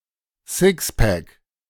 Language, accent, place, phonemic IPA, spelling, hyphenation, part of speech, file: German, Germany, Berlin, /ˈsɪkspɛk/, Sixpack, Six‧pack, noun, De-Sixpack.ogg
- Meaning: 1. six pack (package of six, usually of drinks) 2. six pack (abdominal muscles)